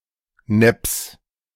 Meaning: genitive singular of Nepp
- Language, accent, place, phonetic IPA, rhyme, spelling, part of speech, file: German, Germany, Berlin, [nɛps], -ɛps, Nepps, noun, De-Nepps.ogg